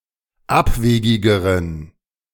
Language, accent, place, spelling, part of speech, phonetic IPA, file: German, Germany, Berlin, abwegigeren, adjective, [ˈapˌveːɡɪɡəʁən], De-abwegigeren.ogg
- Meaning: inflection of abwegig: 1. strong genitive masculine/neuter singular comparative degree 2. weak/mixed genitive/dative all-gender singular comparative degree